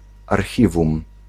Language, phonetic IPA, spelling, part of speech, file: Polish, [arˈxʲivũm], archiwum, noun, Pl-archiwum.ogg